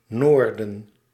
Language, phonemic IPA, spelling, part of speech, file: Dutch, /ˈnoːr.də(n)/, noorden, noun, Nl-noorden.ogg
- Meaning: north